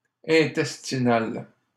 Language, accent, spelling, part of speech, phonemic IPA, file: French, Canada, intestinal, adjective, /ɛ̃.tɛs.ti.nal/, LL-Q150 (fra)-intestinal.wav
- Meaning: intestinal